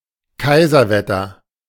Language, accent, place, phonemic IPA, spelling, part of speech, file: German, Germany, Berlin, /ˈkaɪ̯zərˌvɛtər/, Kaiserwetter, noun, De-Kaiserwetter.ogg
- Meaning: clear, sunny weather, usually with pleasant temperatures, and especially when there is some event